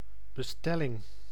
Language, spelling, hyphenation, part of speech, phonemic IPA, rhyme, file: Dutch, bestelling, be‧stel‧ling, noun, /bəˈstɛ.lɪŋ/, -ɛlɪŋ, Nl-bestelling.ogg
- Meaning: order (request for some product or service; a commission to purchase, sell, or supply goods)